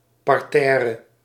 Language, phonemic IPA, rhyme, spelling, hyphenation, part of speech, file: Dutch, /ˌpɑrˈtɛː.rə/, -ɛːrə, parterre, par‧ter‧re, noun, Nl-parterre.ogg
- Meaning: 1. ground floor 2. parterre, flowerbed 3. parterre, level garden with flowerbeds